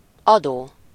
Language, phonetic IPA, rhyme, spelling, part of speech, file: Hungarian, [ˈɒdoː], -doː, adó, verb / noun, Hu-adó.ogg
- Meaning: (verb) present participle of ad: giving; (noun) 1. tax 2. transmitter (something that transmits signals) 3. station, channel